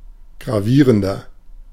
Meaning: 1. comparative degree of gravierend 2. inflection of gravierend: strong/mixed nominative masculine singular 3. inflection of gravierend: strong genitive/dative feminine singular
- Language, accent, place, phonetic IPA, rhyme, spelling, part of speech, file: German, Germany, Berlin, [ɡʁaˈviːʁəndɐ], -iːʁəndɐ, gravierender, adjective, De-gravierender.ogg